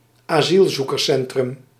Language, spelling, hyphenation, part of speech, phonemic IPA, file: Dutch, asielzoekerscentrum, asiel‧zoe‧kers‧cen‧trum, noun, /aːˈzil.zu.kərˌsɛn.trʏm/, Nl-asielzoekerscentrum.ogg
- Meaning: residential centre for asylum seekers